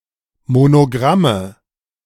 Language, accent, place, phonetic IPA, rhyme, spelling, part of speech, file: German, Germany, Berlin, [monoˈɡʁamə], -amə, Monogramme, noun, De-Monogramme.ogg
- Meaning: nominative/accusative/genitive plural of Monogramm